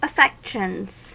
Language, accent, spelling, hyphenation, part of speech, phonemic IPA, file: English, US, affections, af‧fec‧tions, noun / verb, /əˈfɛkʃənz/, En-us-affections.ogg
- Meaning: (noun) plural of affection; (verb) third-person singular simple present indicative of affection